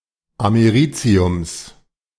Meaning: genitive singular of Americium
- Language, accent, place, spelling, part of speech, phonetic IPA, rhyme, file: German, Germany, Berlin, Americiums, noun, [ameˈʁiːt͡si̯ʊms], -iːt͡si̯ʊms, De-Americiums.ogg